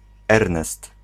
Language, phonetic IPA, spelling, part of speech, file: Polish, [ˈɛrnɛst], Ernest, proper noun, Pl-Ernest.ogg